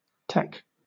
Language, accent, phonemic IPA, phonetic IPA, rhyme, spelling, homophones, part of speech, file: English, Southern England, /tɛk/, [tʰɛk], -ɛk, tech, TEK, noun / verb, LL-Q1860 (eng)-tech.wav
- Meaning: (noun) 1. Technology 2. Technology.: Technology businesses or the technology industry, especially in the field of computing and the Internet 3. Technician; technologist 4. Technique